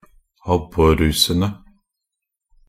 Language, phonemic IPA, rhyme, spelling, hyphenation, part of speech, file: Norwegian Bokmål, /ˈabːɔrːuːsənə/, -ənə, abborrusene, ab‧bor‧ru‧se‧ne, noun, Nb-abborrusene.ogg
- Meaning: definite plural of abborruse